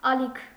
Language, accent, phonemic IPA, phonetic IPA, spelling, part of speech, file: Armenian, Eastern Armenian, /ɑˈlikʰ/, [ɑlíkʰ], ալիք, noun, Hy-ալիք.ogg
- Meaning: 1. wave 2. channel 3. grey hair